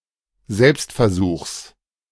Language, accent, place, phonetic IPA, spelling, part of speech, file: German, Germany, Berlin, [ˈzɛlpstfɛɐ̯ˌzuːxs], Selbstversuchs, noun, De-Selbstversuchs.ogg
- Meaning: genitive singular of Selbstversuch